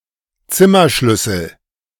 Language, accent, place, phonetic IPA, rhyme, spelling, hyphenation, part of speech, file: German, Germany, Berlin, [ˈtsɪmɐˌʃlʏsl̩], -ʏsl̩, Zimmerschlüssel, Zim‧mer‧schlüs‧sel, noun, De-Zimmerschlüssel.ogg
- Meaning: room key